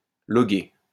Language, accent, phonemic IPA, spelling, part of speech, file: French, France, /lɔ.ɡe/, loguer, verb, LL-Q150 (fra)-loguer.wav
- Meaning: to log (make a record of)